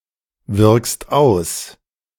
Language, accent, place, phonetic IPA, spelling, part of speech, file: German, Germany, Berlin, [ˌvɪʁkst ˈaʊ̯s], wirkst aus, verb, De-wirkst aus.ogg
- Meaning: second-person singular present of auswirken